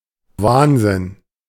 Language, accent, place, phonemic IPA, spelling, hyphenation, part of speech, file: German, Germany, Berlin, /ˈvaːnzɪn/, Wahnsinn, Wahn‧sinn, noun / interjection, De-Wahnsinn.ogg
- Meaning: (noun) insanity, madness; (interjection) awesome!, wow!, that's crazy!